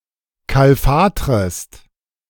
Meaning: second-person singular subjunctive I of kalfatern
- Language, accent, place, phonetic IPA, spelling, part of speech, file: German, Germany, Berlin, [ˌkalˈfaːtʁəst], kalfatrest, verb, De-kalfatrest.ogg